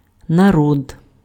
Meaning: 1. people 2. nation
- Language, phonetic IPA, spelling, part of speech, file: Ukrainian, [nɐˈrɔd], народ, noun, Uk-народ.ogg